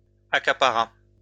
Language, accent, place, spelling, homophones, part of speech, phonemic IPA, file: French, France, Lyon, accapara, accaparas / accaparât, verb, /a.ka.pa.ʁa/, LL-Q150 (fra)-accapara.wav
- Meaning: third-person singular past historic of accaparer